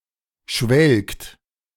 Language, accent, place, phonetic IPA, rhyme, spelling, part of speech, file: German, Germany, Berlin, [ʃvɛlkt], -ɛlkt, schwelgt, verb, De-schwelgt.ogg
- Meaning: inflection of schwelgen: 1. second-person plural present 2. third-person singular present 3. plural imperative